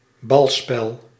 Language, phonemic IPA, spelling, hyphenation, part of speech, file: Dutch, /ˈbɑl.spɛl/, balspel, bal‧spel, noun, Nl-balspel.ogg
- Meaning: a ballgame, sport or game played with (a) ball(s)